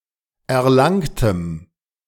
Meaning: strong dative masculine/neuter singular of erlangt
- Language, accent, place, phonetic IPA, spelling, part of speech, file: German, Germany, Berlin, [ɛɐ̯ˈlaŋtəm], erlangtem, adjective, De-erlangtem.ogg